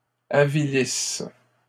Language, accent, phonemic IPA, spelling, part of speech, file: French, Canada, /a.vi.lis/, avilisses, verb, LL-Q150 (fra)-avilisses.wav
- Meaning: second-person singular present/imperfect subjunctive of avilir